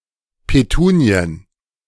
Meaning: plural of Petunie
- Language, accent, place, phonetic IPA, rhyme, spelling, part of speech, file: German, Germany, Berlin, [peˈtuːni̯ən], -uːni̯ən, Petunien, noun, De-Petunien.ogg